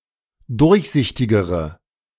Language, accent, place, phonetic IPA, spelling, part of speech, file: German, Germany, Berlin, [ˈdʊʁçˌzɪçtɪɡəʁə], durchsichtigere, adjective, De-durchsichtigere.ogg
- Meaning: inflection of durchsichtig: 1. strong/mixed nominative/accusative feminine singular comparative degree 2. strong nominative/accusative plural comparative degree